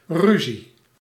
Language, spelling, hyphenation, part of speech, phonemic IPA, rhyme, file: Dutch, ruzie, ru‧zie, noun / verb, /ˈry.zi/, -yzi, Nl-ruzie.ogg
- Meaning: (noun) quarrel, row, conflict, dispute; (verb) inflection of ruziën: 1. first-person singular present indicative 2. second-person singular present indicative 3. imperative